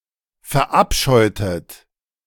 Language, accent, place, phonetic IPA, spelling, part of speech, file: German, Germany, Berlin, [fɛɐ̯ˈʔapʃɔɪ̯tət], verabscheutet, verb, De-verabscheutet.ogg
- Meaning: inflection of verabscheuen: 1. second-person plural preterite 2. second-person plural subjunctive II